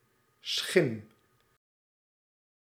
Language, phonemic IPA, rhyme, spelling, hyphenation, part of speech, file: Dutch, /sxɪm/, -ɪm, schim, schim, noun, Nl-schim.ogg
- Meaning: 1. shadow 2. apparition, ghost